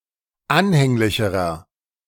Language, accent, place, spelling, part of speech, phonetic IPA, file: German, Germany, Berlin, anhänglicherer, adjective, [ˈanhɛŋlɪçəʁɐ], De-anhänglicherer.ogg
- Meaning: inflection of anhänglich: 1. strong/mixed nominative masculine singular comparative degree 2. strong genitive/dative feminine singular comparative degree 3. strong genitive plural comparative degree